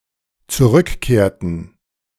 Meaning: inflection of zurückkehren: 1. first/third-person plural dependent preterite 2. first/third-person plural dependent subjunctive II
- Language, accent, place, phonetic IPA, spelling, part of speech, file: German, Germany, Berlin, [t͡suˈʁʏkˌkeːɐ̯tn̩], zurückkehrten, verb, De-zurückkehrten.ogg